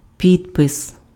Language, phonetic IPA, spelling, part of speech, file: Ukrainian, [ˈpʲidpes], підпис, noun, Uk-підпис.ogg
- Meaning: signature